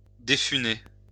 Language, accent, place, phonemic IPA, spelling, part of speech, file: French, France, Lyon, /de.fy.ne/, défuner, verb, LL-Q150 (fra)-défuner.wav
- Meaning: "to strip (a mast)"